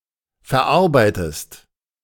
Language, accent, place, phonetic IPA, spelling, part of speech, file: German, Germany, Berlin, [fɛɐ̯ˈʔaʁbaɪ̯təst], verarbeitest, verb, De-verarbeitest.ogg
- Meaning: inflection of verarbeiten: 1. second-person singular present 2. second-person singular subjunctive I